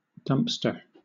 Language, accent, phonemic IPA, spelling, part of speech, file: English, Southern England, /ˈdʌmpstɚ/, dumpster, noun / verb, LL-Q1860 (eng)-dumpster.wav
- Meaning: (noun) A large, usually metal trash receptacle designed to be hoisted up by a garbage truck in order to be emptied; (verb) To discard or dispose something, especially to throw into a dumpster